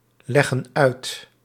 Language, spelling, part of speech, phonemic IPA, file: Dutch, leggen uit, verb, /ˈlɛɣə(n) ˈœyt/, Nl-leggen uit.ogg
- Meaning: inflection of uitleggen: 1. plural present indicative 2. plural present subjunctive